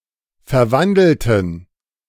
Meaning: inflection of verwandeln: 1. first/third-person plural preterite 2. first/third-person plural subjunctive II
- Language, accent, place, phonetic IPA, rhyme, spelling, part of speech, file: German, Germany, Berlin, [fɛɐ̯ˈvandl̩tn̩], -andl̩tn̩, verwandelten, adjective / verb, De-verwandelten.ogg